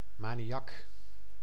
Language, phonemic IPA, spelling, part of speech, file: Dutch, /maniˈjɑk/, maniak, noun, Nl-maniak.ogg
- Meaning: 1. maniac, a manic individual 2. maniac, obsessive, fanatic